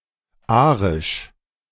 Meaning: 1. Aryan (relating to the master race, usually defined as Germanic whites) 2. Aryan (relating to the Caucasian or Indo-European people)
- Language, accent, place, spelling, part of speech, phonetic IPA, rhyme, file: German, Germany, Berlin, arisch, adjective, [ˈʔaːʁɪʃ], -aːʁɪʃ, De-arisch.ogg